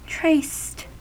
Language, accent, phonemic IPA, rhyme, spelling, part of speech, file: English, US, /ˈtɹeɪst/, -eɪst, traced, adjective / verb, En-us-traced.ogg
- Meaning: simple past and past participle of trace